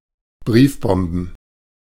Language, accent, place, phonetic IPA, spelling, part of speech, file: German, Germany, Berlin, [ˈbʁiːfˌbɔmbn̩], Briefbomben, noun, De-Briefbomben.ogg
- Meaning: plural of Briefbombe